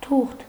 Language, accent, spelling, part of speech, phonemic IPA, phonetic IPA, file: Armenian, Eastern Armenian, թուղթ, noun, /tʰuχtʰ/, [tʰuχtʰ], Hy-թուղթ.ogg
- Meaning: 1. paper 2. letter, epistle